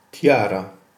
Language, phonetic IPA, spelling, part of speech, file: Polish, [ˈtʲjara], tiara, noun, Pl-tiara.ogg